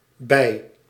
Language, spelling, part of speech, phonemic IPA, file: Dutch, bij-, prefix, /bɛi̯/, Nl-bij-.ogg
- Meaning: additional, secondary